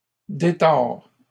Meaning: inflection of détordre: 1. first/second-person singular present indicative 2. second-person singular imperative
- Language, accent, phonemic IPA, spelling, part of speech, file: French, Canada, /de.tɔʁ/, détords, verb, LL-Q150 (fra)-détords.wav